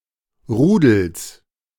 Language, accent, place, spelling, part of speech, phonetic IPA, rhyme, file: German, Germany, Berlin, Rudels, noun, [ˈʁuːdl̩s], -uːdl̩s, De-Rudels.ogg
- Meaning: genitive of Rudel